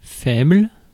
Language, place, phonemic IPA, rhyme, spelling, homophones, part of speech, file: French, Paris, /fɛbl/, -ɛbl, faible, faibles, adjective / noun, Fr-faible.ogg
- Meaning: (adjective) 1. weak 2. low, small (amount, degree, percentage); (noun) 1. weakness, soft spot (for someone/something) 2. weakling, weak person